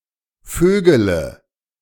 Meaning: inflection of vögeln: 1. first-person singular present 2. first/third-person singular subjunctive I 3. singular imperative
- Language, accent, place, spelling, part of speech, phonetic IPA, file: German, Germany, Berlin, vögele, verb, [ˈføːɡələ], De-vögele.ogg